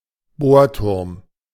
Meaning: drilling rig
- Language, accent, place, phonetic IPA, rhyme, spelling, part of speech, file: German, Germany, Berlin, [ˈboːɐ̯ˌtʊʁm], -oːɐ̯tʊʁm, Bohrturm, noun, De-Bohrturm.ogg